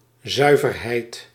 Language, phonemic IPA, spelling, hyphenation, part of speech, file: Dutch, /ˈzœy̯.vərˌɦɛi̯t/, zuiverheid, zui‧ver‧heid, noun, Nl-zuiverheid.ogg
- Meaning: 1. purity 2. clarity